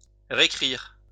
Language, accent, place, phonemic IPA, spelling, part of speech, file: French, France, Lyon, /ʁe.kʁiʁ/, récrire, verb, LL-Q150 (fra)-récrire.wav
- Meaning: alternative form of réécrire (“to rewrite”)